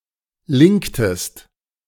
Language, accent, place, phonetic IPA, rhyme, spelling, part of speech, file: German, Germany, Berlin, [ˈlɪŋktəst], -ɪŋktəst, linktest, verb, De-linktest.ogg
- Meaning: inflection of linken: 1. second-person singular preterite 2. second-person singular subjunctive II